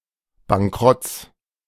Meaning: genitive singular of Bankrott
- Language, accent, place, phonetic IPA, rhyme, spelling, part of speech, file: German, Germany, Berlin, [baŋˈkʁɔt͡s], -ɔt͡s, Bankrotts, noun, De-Bankrotts.ogg